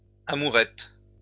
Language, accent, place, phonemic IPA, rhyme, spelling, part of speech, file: French, France, Lyon, /a.mu.ʁɛt/, -ɛt, amourettes, noun, LL-Q150 (fra)-amourettes.wav
- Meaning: plural of amourette